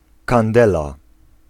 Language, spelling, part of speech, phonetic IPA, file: Polish, kandela, noun, [kãnˈdɛla], Pl-kandela.ogg